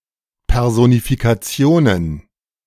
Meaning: plural of Personifikation
- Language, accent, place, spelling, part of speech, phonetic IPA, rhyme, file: German, Germany, Berlin, Personifikationen, noun, [pɛʁˌzonifikaˈt͡si̯oːnən], -oːnən, De-Personifikationen.ogg